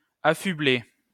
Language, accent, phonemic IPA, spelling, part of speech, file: French, France, /a.fy.ble/, affubler, verb, LL-Q150 (fra)-affubler.wav
- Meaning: 1. to deck out, to equip 2. to deck out oneself, to equip oneself 3. to take on the surname of